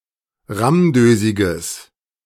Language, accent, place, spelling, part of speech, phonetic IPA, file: German, Germany, Berlin, rammdösiges, adjective, [ˈʁamˌdøːzɪɡəs], De-rammdösiges.ogg
- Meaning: strong/mixed nominative/accusative neuter singular of rammdösig